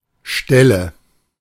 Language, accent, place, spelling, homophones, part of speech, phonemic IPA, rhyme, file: German, Germany, Berlin, Stelle, Ställe, noun, /ˈʃtɛlə/, -ɛlə, De-Stelle.ogg
- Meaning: location, spot (specific location in space, relevant in context but typically otherwise unmarked)